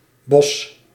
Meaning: 1. a hamlet in Cranendonck, North Brabant, Netherlands 2. a former island in the Wadden Sea 3. a surname
- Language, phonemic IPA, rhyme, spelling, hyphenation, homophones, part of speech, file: Dutch, /bɔs/, -ɔs, Bosch, Bosch, bos / Bos, proper noun, Nl-Bosch.ogg